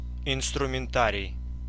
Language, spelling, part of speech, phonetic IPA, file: Russian, инструментарий, noun, [ɪnstrʊmʲɪnˈtarʲɪj], Ru-инструментарий.ogg
- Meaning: instruments, tools (collectively), instrumentarium, tooling, toolkit, toolset